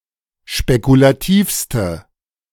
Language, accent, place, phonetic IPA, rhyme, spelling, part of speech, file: German, Germany, Berlin, [ʃpekulaˈtiːfstə], -iːfstə, spekulativste, adjective, De-spekulativste.ogg
- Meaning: inflection of spekulativ: 1. strong/mixed nominative/accusative feminine singular superlative degree 2. strong nominative/accusative plural superlative degree